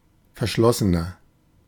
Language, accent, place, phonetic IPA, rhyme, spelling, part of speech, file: German, Germany, Berlin, [fɛɐ̯ˈʃlɔsənɐ], -ɔsənɐ, verschlossener, adjective, De-verschlossener.ogg
- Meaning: inflection of verschlossen: 1. strong/mixed nominative masculine singular 2. strong genitive/dative feminine singular 3. strong genitive plural